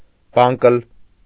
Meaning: 1. fairy-tale 2. riddle
- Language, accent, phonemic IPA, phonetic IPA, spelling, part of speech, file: Armenian, Eastern Armenian, /ˈbɑnkəl/, [bɑ́ŋkəl], բանկլ, noun, Hy-բանկլ.ogg